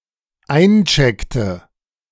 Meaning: inflection of einchecken: 1. first/third-person singular dependent preterite 2. first/third-person singular dependent subjunctive II
- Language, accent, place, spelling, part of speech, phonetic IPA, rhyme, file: German, Germany, Berlin, eincheckte, verb, [ˈaɪ̯nˌt͡ʃɛktə], -aɪ̯nt͡ʃɛktə, De-eincheckte.ogg